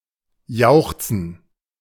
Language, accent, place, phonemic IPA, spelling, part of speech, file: German, Germany, Berlin, /ˈjaʊ̯xt͡sən/, jauchzen, verb, De-jauchzen.ogg
- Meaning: 1. to give a high-pitched (often inadvertent) cry of exultation 2. to rejoice, jubilate, cheer